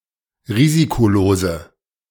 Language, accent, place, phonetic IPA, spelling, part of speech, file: German, Germany, Berlin, [ˈʁiːzikoˌloːzə], risikolose, adjective, De-risikolose.ogg
- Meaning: inflection of risikolos: 1. strong/mixed nominative/accusative feminine singular 2. strong nominative/accusative plural 3. weak nominative all-gender singular